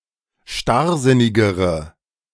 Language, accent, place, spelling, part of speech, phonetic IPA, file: German, Germany, Berlin, starrsinnigere, adjective, [ˈʃtaʁˌzɪnɪɡəʁə], De-starrsinnigere.ogg
- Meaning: inflection of starrsinnig: 1. strong/mixed nominative/accusative feminine singular comparative degree 2. strong nominative/accusative plural comparative degree